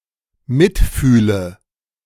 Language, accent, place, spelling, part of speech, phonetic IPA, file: German, Germany, Berlin, mitfühle, verb, [ˈmɪtˌfyːlə], De-mitfühle.ogg
- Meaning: inflection of mitfühlen: 1. first-person singular dependent present 2. first/third-person singular dependent subjunctive I